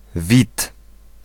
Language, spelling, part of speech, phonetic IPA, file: Polish, Wit, proper noun, [vʲit], Pl-Wit.ogg